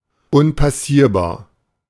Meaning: impassable, insurmountable
- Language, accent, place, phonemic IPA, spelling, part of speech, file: German, Germany, Berlin, /ˈʊnpaˌsiːɐ̯baːɐ̯/, unpassierbar, adjective, De-unpassierbar.ogg